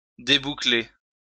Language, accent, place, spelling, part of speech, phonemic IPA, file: French, France, Lyon, déboucler, verb, /de.bu.kle/, LL-Q150 (fra)-déboucler.wav
- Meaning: 1. to unbuckle (a belt) 2. to undo curls